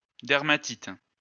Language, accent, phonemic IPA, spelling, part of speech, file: French, France, /dɛʁ.ma.tit/, dermatite, noun, LL-Q150 (fra)-dermatite.wav
- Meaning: dermatitis